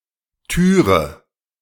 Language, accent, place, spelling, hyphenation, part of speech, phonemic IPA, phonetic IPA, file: German, Germany, Berlin, Türe, Tü‧re, noun, /ˈtyːʁə/, [ˈtʰyː.ʁə], De-Türe.ogg
- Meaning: alternative form of Tür